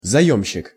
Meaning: borrower, debtor
- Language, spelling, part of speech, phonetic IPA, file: Russian, заёмщик, noun, [zɐˈjɵmɕːɪk], Ru-заёмщик.ogg